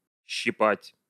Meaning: 1. to pinch 2. to pluck 3. to burn, to sting 4. to nibble
- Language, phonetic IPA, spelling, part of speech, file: Russian, [ɕːɪˈpatʲ], щипать, verb, Ru-щипать.ogg